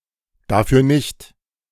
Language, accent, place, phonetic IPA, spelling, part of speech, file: German, Germany, Berlin, [ˈdaːfyɐ nɪçt], dafür nicht, phrase, De-dafür nicht.ogg
- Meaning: don't mention it, you're welcome